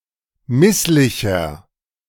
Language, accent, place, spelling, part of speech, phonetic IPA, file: German, Germany, Berlin, misslicher, adjective, [ˈmɪslɪçɐ], De-misslicher.ogg
- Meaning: 1. comparative degree of misslich 2. inflection of misslich: strong/mixed nominative masculine singular 3. inflection of misslich: strong genitive/dative feminine singular